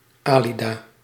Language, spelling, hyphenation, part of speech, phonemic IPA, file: Dutch, Alida, Ali‧da, proper noun, /aːˈli.daː/, Nl-Alida.ogg
- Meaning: a diminutive of the female given name Adelheid